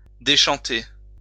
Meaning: 1. to change one's tone; (by extension) to become disillusioned 2. to descant
- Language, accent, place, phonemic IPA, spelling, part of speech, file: French, France, Lyon, /de.ʃɑ̃.te/, déchanter, verb, LL-Q150 (fra)-déchanter.wav